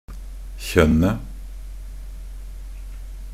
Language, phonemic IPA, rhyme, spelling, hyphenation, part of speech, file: Norwegian Bokmål, /çœnːə/, -œnːə, kjønnet, kjønn‧et, noun, Nb-kjønnet.ogg
- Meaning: definite singular of kjønn